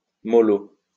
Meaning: softly, gently
- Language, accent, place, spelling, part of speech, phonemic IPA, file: French, France, Lyon, mollo, adverb, /mɔ.lo/, LL-Q150 (fra)-mollo.wav